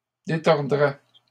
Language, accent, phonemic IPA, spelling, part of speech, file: French, Canada, /de.tɔʁ.dʁɛ/, détordrais, verb, LL-Q150 (fra)-détordrais.wav
- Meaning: first/second-person singular conditional of détordre